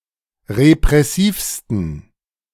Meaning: 1. superlative degree of repressiv 2. inflection of repressiv: strong genitive masculine/neuter singular superlative degree
- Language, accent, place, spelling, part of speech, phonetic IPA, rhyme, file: German, Germany, Berlin, repressivsten, adjective, [ʁepʁɛˈsiːfstn̩], -iːfstn̩, De-repressivsten.ogg